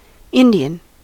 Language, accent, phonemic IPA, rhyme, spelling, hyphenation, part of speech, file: English, General American, /ˈɪn.di.ən/, -ɪndiən, Indian, In‧di‧an, adjective / noun / proper noun, En-us-Indian.ogg
- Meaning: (adjective) 1. Of or relating to India or its people; or (formerly) of the East Indies 2. Eastern; Oriental 3. Of or relating to the indigenous peoples of the Americas